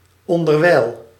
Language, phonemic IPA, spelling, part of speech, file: Dutch, /ˌɔndərˈwɛil/, onderwijl, adverb, Nl-onderwijl.ogg
- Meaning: in the meantime